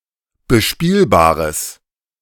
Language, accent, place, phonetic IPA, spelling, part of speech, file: German, Germany, Berlin, [bəˈʃpiːlbaːʁəs], bespielbares, adjective, De-bespielbares.ogg
- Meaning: strong/mixed nominative/accusative neuter singular of bespielbar